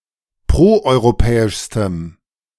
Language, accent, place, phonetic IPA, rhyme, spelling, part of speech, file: German, Germany, Berlin, [ˌpʁoʔɔɪ̯ʁoˈpɛːɪʃstəm], -ɛːɪʃstəm, proeuropäischstem, adjective, De-proeuropäischstem.ogg
- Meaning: strong dative masculine/neuter singular superlative degree of proeuropäisch